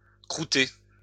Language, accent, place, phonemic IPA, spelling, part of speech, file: French, France, Lyon, /kʁu.te/, crouter, verb, LL-Q150 (fra)-crouter.wav
- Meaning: post-1990 spelling of croûter